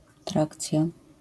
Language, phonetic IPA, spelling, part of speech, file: Polish, [ˈtrakt͡sʲja], trakcja, noun, LL-Q809 (pol)-trakcja.wav